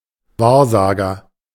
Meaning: fortuneteller, soothsayer, augur
- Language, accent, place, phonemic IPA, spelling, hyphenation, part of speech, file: German, Germany, Berlin, /ˈvaːɐ̯ˌzaːɡɐ/, Wahrsager, Wahr‧sa‧ger, noun, De-Wahrsager.ogg